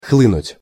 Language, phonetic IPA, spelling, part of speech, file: Russian, [ˈxɫɨnʊtʲ], хлынуть, verb, Ru-хлынуть.ogg
- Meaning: 1. to gush out, to spout 2. to pour, to flood